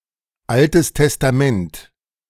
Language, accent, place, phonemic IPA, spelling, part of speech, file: German, Germany, Berlin, /ˈaltəs tɛstaˈmɛnt/, Altes Testament, proper noun, De-Altes Testament.ogg
- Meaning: Old Testament (first half of the Christian Bible)